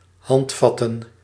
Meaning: plural of handvat
- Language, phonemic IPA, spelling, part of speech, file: Dutch, /ˈhɑntfɑtə/, handvatten, noun, Nl-handvatten.ogg